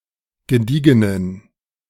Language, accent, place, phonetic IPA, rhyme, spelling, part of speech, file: German, Germany, Berlin, [ɡəˈdiːɡənən], -iːɡənən, gediegenen, adjective, De-gediegenen.ogg
- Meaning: inflection of gediegen: 1. strong genitive masculine/neuter singular 2. weak/mixed genitive/dative all-gender singular 3. strong/weak/mixed accusative masculine singular 4. strong dative plural